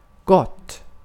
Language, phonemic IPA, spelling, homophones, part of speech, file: Swedish, /ɡɔt/, gott, gått, adjective / adverb / interjection, Sv-gott.ogg
- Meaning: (adjective) indefinite neuter singular of god; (adverb) 1. well, good 2. well (in a desirable manner; so as one could wish); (interjection) agreed; It's a deal!